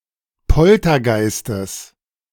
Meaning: genitive singular of Poltergeist
- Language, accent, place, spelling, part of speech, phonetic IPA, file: German, Germany, Berlin, Poltergeistes, noun, [ˈpɔltɐˌɡaɪ̯stəs], De-Poltergeistes.ogg